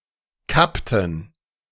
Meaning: inflection of kappen: 1. first/third-person plural preterite 2. first/third-person plural subjunctive II
- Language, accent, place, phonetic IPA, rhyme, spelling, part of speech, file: German, Germany, Berlin, [ˈkaptn̩], -aptn̩, kappten, verb, De-kappten.ogg